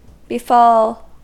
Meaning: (verb) 1. To fall upon; fall all over; overtake 2. To happen 3. To happen to 4. To fall; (noun) Case; instance; circumstance; event; incident; accident
- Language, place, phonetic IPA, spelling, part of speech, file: English, California, [bɪˈfɑl], befall, verb / noun, En-us-befall.ogg